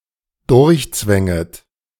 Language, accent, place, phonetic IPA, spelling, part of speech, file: German, Germany, Berlin, [ˈdʊʁçˌt͡svɛŋət], durchzwänget, verb, De-durchzwänget.ogg
- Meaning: second-person plural dependent subjunctive I of durchzwängen